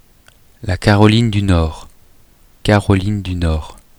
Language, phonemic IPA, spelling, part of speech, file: French, /ka.ʁɔ.lin dy nɔʁ/, Caroline du Nord, proper noun, Fr-Caroline du Nord.oga
- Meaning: North Carolina (a state of the United States, situated on the east coast of the North American mainland north of South Carolina and south of Virginia)